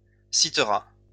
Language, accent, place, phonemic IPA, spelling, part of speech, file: French, France, Lyon, /si.tʁa/, citera, verb, LL-Q150 (fra)-citera.wav
- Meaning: third-person singular future of citer